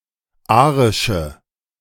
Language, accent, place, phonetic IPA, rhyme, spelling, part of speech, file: German, Germany, Berlin, [ˈaːʁɪʃə], -aːʁɪʃə, arische, adjective, De-arische.ogg
- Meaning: inflection of arisch: 1. strong/mixed nominative/accusative feminine singular 2. strong nominative/accusative plural 3. weak nominative all-gender singular 4. weak accusative feminine/neuter singular